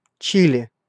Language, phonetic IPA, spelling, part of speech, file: Russian, [ˈt͡ɕilʲɪ], Чили, proper noun, Ru-Чили.ogg
- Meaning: Chile (a country in South America)